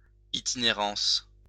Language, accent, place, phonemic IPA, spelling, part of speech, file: French, France, Lyon, /i.ti.ne.ʁɑ̃s/, itinérance, noun, LL-Q150 (fra)-itinérance.wav
- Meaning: 1. act of traveling without a particular goal or destination 2. pedestrian traveling done for pleasure; hiking; backpacking